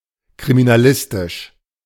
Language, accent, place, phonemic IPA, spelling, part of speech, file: German, Germany, Berlin, /kʁiminaˈlɪstɪʃ/, kriminalistisch, adjective, De-kriminalistisch.ogg
- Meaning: criminological